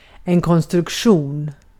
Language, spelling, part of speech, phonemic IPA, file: Swedish, konstruktion, noun, /kɔnstrɵkˈɧuːn/, Sv-konstruktion.ogg
- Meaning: 1. construction 2. design 3. structure 4. construct